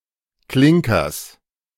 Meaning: genitive of Klinker
- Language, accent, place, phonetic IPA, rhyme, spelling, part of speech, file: German, Germany, Berlin, [ˈklɪŋkɐs], -ɪŋkɐs, Klinkers, noun, De-Klinkers.ogg